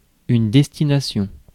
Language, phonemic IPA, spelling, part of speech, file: French, /dɛs.ti.na.sjɔ̃/, destination, noun, Fr-destination.ogg
- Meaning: destination